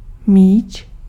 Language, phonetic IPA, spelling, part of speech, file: Czech, [ˈmiːt͡ʃ], míč, noun, Cs-míč.ogg
- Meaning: 1. ball (sports) 2. million crowns (million units of Czech currency)